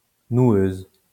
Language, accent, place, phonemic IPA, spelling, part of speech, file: French, France, Lyon, /nwøz/, noueuse, adjective, LL-Q150 (fra)-noueuse.wav
- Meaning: feminine singular of noueux